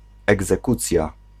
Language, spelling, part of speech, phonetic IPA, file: Polish, egzekucja, noun, [ˌɛɡzɛˈkut͡sʲja], Pl-egzekucja.ogg